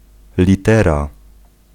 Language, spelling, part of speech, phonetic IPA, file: Polish, litera, noun, [lʲiˈtɛra], Pl-litera.ogg